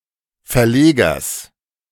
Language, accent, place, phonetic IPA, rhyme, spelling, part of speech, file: German, Germany, Berlin, [fɛɐ̯ˈleːɡɐs], -eːɡɐs, Verlegers, noun, De-Verlegers.ogg
- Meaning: genitive singular of Verleger